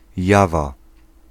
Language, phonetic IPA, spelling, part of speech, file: Polish, [ˈjava], jawa, noun, Pl-jawa.ogg